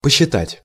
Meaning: 1. to calculate 2. to count 3. to think, to opine, to consider
- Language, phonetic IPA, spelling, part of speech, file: Russian, [pəɕːɪˈtatʲ], посчитать, verb, Ru-посчитать.ogg